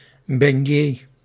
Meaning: beignet
- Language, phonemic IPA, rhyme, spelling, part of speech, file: Dutch, /bɛnˈjeː/, -eː, beignet, noun, Nl-beignet.ogg